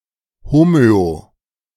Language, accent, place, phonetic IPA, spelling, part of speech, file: German, Germany, Berlin, [ˈhomøo], homöo-, prefix, De-homöo-.ogg
- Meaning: homeo-